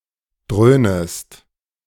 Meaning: second-person singular subjunctive I of dröhnen
- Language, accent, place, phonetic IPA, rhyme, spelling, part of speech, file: German, Germany, Berlin, [ˈdʁøːnəst], -øːnəst, dröhnest, verb, De-dröhnest.ogg